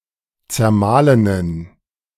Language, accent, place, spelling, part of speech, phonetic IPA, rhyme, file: German, Germany, Berlin, zermahlenen, adjective, [t͡sɛɐ̯ˈmaːlənən], -aːlənən, De-zermahlenen.ogg
- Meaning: inflection of zermahlen: 1. strong genitive masculine/neuter singular 2. weak/mixed genitive/dative all-gender singular 3. strong/weak/mixed accusative masculine singular 4. strong dative plural